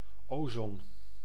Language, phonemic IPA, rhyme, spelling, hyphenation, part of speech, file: Dutch, /ˈoːzɔn/, -oːzɔn, ozon, ozon, noun, Nl-ozon.ogg
- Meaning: ozone